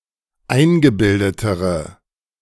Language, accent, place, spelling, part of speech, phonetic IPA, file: German, Germany, Berlin, eingebildetere, adjective, [ˈaɪ̯nɡəˌbɪldətəʁə], De-eingebildetere.ogg
- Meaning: inflection of eingebildet: 1. strong/mixed nominative/accusative feminine singular comparative degree 2. strong nominative/accusative plural comparative degree